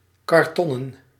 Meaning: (adjective) cardboard; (noun) plural of karton
- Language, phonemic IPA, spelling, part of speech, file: Dutch, /kɑrˈtɔnə(n)/, kartonnen, adjective / noun, Nl-kartonnen.ogg